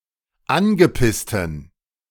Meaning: inflection of angepisst: 1. strong genitive masculine/neuter singular 2. weak/mixed genitive/dative all-gender singular 3. strong/weak/mixed accusative masculine singular 4. strong dative plural
- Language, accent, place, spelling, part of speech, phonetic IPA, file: German, Germany, Berlin, angepissten, adjective, [ˈanɡəˌpɪstn̩], De-angepissten.ogg